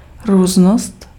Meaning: difference
- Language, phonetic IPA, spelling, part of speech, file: Czech, [ˈruːznost], různost, noun, Cs-různost.ogg